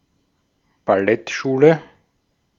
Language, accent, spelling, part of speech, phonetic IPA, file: German, Austria, Ballettschule, noun, [baˈlɛtˌʃuːlə], De-at-Ballettschule.ogg
- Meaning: ballet school